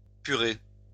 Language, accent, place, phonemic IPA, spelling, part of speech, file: French, France, Lyon, /py.ʁe/, purer, verb, LL-Q150 (fra)-purer.wav
- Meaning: to remove the scum of beer